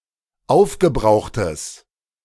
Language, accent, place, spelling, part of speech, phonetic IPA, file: German, Germany, Berlin, aufgebrauchtes, adjective, [ˈaʊ̯fɡəˌbʁaʊ̯xtəs], De-aufgebrauchtes.ogg
- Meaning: strong/mixed nominative/accusative neuter singular of aufgebraucht